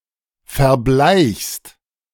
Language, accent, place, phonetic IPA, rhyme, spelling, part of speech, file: German, Germany, Berlin, [fɛɐ̯ˈblaɪ̯çst], -aɪ̯çst, verbleichst, verb, De-verbleichst.ogg
- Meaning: second-person singular present of verbleichen